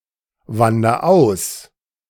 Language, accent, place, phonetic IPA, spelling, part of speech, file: German, Germany, Berlin, [ˌvandɐ ˈaʊ̯s], wander aus, verb, De-wander aus.ogg
- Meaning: inflection of auswandern: 1. first-person singular present 2. singular imperative